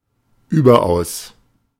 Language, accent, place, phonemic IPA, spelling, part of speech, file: German, Germany, Berlin, /ˈyːbɐʔaʊ̯s/, überaus, adverb, De-überaus.ogg
- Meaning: extremely